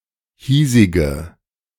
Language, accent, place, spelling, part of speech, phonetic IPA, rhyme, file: German, Germany, Berlin, hiesige, adjective, [ˈhiːzɪɡə], -iːzɪɡə, De-hiesige.ogg
- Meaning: inflection of hiesig: 1. strong/mixed nominative/accusative feminine singular 2. strong nominative/accusative plural 3. weak nominative all-gender singular 4. weak accusative feminine/neuter singular